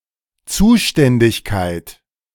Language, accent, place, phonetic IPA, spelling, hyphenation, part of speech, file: German, Germany, Berlin, [ˈt͡suːʃtɛndɪçkaɪ̯t], Zuständigkeit, Zu‧stän‧dig‧keit, noun, De-Zuständigkeit.ogg
- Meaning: responsibility